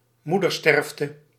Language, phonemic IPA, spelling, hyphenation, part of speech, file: Dutch, /ˈmu.dərˌstɛrf.tə/, moedersterfte, moe‧der‧sterf‧te, noun, Nl-moedersterfte.ogg
- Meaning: maternal mortality (in childbirth)